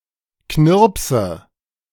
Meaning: nominative/accusative/genitive plural of Knirps
- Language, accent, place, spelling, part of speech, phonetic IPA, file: German, Germany, Berlin, Knirpse, noun, [ˈknɪʁpsə], De-Knirpse.ogg